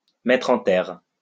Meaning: 1. to plant 2. to bury
- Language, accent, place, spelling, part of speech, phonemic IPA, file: French, France, Lyon, mettre en terre, verb, /mɛ.tʁ‿ɑ̃ tɛʁ/, LL-Q150 (fra)-mettre en terre.wav